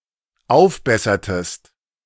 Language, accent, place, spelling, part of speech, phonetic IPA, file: German, Germany, Berlin, aufbessertest, verb, [ˈaʊ̯fˌbɛsɐtəst], De-aufbessertest.ogg
- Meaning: inflection of aufbessern: 1. second-person singular dependent preterite 2. second-person singular dependent subjunctive II